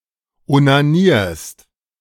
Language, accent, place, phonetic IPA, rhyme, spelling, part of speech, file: German, Germany, Berlin, [onaˈniːɐ̯st], -iːɐ̯st, onanierst, verb, De-onanierst.ogg
- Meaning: second-person singular present of onanieren